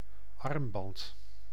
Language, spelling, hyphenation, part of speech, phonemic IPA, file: Dutch, armband, arm‧band, noun, /ˈɑrm.bɑnt/, Nl-armband.ogg
- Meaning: bracelet